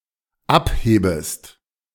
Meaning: second-person singular dependent subjunctive I of abheben
- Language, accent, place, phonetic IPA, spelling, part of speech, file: German, Germany, Berlin, [ˈapˌheːbəst], abhebest, verb, De-abhebest.ogg